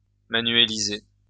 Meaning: alternative form of manualiser
- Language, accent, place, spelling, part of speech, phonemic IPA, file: French, France, Lyon, manuéliser, verb, /ma.nɥe.li.ze/, LL-Q150 (fra)-manuéliser.wav